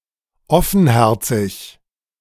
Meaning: frank, candid, outspoken
- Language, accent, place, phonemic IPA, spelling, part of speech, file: German, Germany, Berlin, /ˈɔfn̩ˌhɛʁtsɪç/, offenherzig, adjective, De-offenherzig.ogg